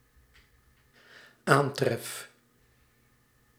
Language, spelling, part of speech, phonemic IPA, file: Dutch, aantref, verb, /ˈantrɛf/, Nl-aantref.ogg
- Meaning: first-person singular dependent-clause present indicative of aantreffen